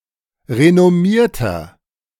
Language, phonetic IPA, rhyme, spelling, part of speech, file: German, [ʁenɔˈmiːɐ̯tɐ], -iːɐ̯tɐ, renommierter, adjective, De-renommierter.oga
- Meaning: 1. comparative degree of renommiert 2. inflection of renommiert: strong/mixed nominative masculine singular 3. inflection of renommiert: strong genitive/dative feminine singular